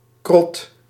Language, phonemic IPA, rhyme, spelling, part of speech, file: Dutch, /krɔt/, -ɔt, krot, noun, Nl-krot.ogg
- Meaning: derelict or rudimentary house, shanty